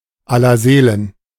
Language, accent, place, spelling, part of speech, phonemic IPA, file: German, Germany, Berlin, Allerseelen, proper noun, /ˌalɐˈzeːlən/, De-Allerseelen.ogg
- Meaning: All Souls' Day